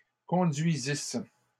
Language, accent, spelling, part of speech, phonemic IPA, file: French, Canada, conduisissent, verb, /kɔ̃.dɥi.zis/, LL-Q150 (fra)-conduisissent.wav
- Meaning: third-person plural imperfect subjunctive of conduire